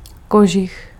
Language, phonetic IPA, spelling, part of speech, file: Czech, [ˈkoʒɪx], kožich, noun, Cs-kožich.ogg
- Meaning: fur coat